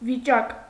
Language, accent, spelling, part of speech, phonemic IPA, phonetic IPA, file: Armenian, Eastern Armenian, վիճակ, noun, /viˈt͡ʃɑk/, [vit͡ʃɑ́k], Hy-վիճակ.ogg
- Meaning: 1. state, condition 2. lot 3. district, precinct, jurisdiction; diocese